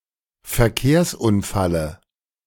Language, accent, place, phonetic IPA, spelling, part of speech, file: German, Germany, Berlin, [fɛɐ̯ˈkeːɐ̯sʔʊnˌfalə], Verkehrsunfalle, noun, De-Verkehrsunfalle.ogg
- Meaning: dative of Verkehrsunfall